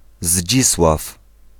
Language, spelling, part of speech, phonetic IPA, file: Polish, Zdzisław, proper noun / noun, [ˈʑd͡ʑiswaf], Pl-Zdzisław.ogg